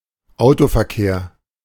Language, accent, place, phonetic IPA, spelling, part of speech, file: German, Germany, Berlin, [ˈaʊ̯tofɛɐ̯ˌkeːɐ̯], Autoverkehr, noun, De-Autoverkehr.ogg
- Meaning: motor traffic